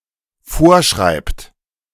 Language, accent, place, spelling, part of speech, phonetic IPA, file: German, Germany, Berlin, vorschreibt, verb, [ˈfoːɐ̯ˌʃʁaɪ̯pt], De-vorschreibt.ogg
- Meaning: inflection of vorschreiben: 1. third-person singular dependent present 2. second-person plural dependent present